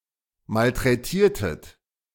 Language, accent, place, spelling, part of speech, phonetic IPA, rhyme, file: German, Germany, Berlin, malträtiertet, verb, [maltʁɛˈtiːɐ̯tət], -iːɐ̯tət, De-malträtiertet.ogg
- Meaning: inflection of malträtieren: 1. second-person plural preterite 2. second-person plural subjunctive II